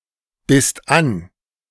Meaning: second-person singular/plural preterite of anbeißen
- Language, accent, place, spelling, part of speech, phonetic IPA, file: German, Germany, Berlin, bisst an, verb, [ˌbɪst ˈan], De-bisst an.ogg